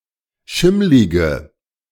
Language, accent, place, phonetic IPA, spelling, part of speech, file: German, Germany, Berlin, [ˈʃɪmlɪɡə], schimmlige, adjective, De-schimmlige.ogg
- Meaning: inflection of schimmlig: 1. strong/mixed nominative/accusative feminine singular 2. strong nominative/accusative plural 3. weak nominative all-gender singular